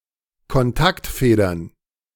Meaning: plural of Kontaktfeder
- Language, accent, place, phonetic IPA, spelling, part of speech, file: German, Germany, Berlin, [kɔnˈtaktˌfeːdɐn], Kontaktfedern, noun, De-Kontaktfedern.ogg